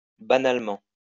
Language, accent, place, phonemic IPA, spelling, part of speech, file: French, France, Lyon, /ba.nal.mɑ̃/, banalement, adverb, LL-Q150 (fra)-banalement.wav
- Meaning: banally